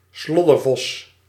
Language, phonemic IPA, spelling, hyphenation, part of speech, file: Dutch, /ˈslɔ.dərˌvɔs/, sloddervos, slod‧der‧vos, noun, Nl-sloddervos.ogg
- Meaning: a messy, untidy person, a sloven or slattern; someone who doesn't keep their home tidy